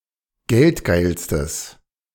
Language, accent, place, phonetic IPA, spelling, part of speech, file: German, Germany, Berlin, [ˈɡɛltˌɡaɪ̯lstəs], geldgeilstes, adjective, De-geldgeilstes.ogg
- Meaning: strong/mixed nominative/accusative neuter singular superlative degree of geldgeil